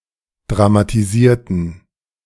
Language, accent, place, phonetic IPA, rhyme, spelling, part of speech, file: German, Germany, Berlin, [dʁamatiˈziːɐ̯tn̩], -iːɐ̯tn̩, dramatisierten, adjective / verb, De-dramatisierten.ogg
- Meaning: inflection of dramatisieren: 1. first/third-person plural preterite 2. first/third-person plural subjunctive II